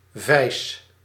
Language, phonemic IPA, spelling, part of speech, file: Dutch, /vɛi̯s/, vijs, noun / verb, Nl-vijs.ogg
- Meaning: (noun) screw; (verb) inflection of vijzen: 1. first-person singular present indicative 2. second-person singular present indicative 3. imperative